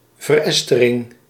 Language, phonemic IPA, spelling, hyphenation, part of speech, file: Dutch, /vərˈɛs.tə.rɪŋ/, verestering, ver‧es‧te‧ring, noun, Nl-verestering.ogg
- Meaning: esterification